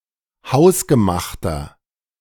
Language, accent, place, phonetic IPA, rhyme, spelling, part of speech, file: German, Germany, Berlin, [ˈhaʊ̯sɡəˌmaxtɐ], -aʊ̯sɡəmaxtɐ, hausgemachter, adjective, De-hausgemachter.ogg
- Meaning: inflection of hausgemacht: 1. strong/mixed nominative masculine singular 2. strong genitive/dative feminine singular 3. strong genitive plural